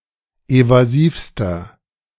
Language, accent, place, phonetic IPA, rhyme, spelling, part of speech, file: German, Germany, Berlin, [ˌevaˈziːfstɐ], -iːfstɐ, evasivster, adjective, De-evasivster.ogg
- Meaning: inflection of evasiv: 1. strong/mixed nominative masculine singular superlative degree 2. strong genitive/dative feminine singular superlative degree 3. strong genitive plural superlative degree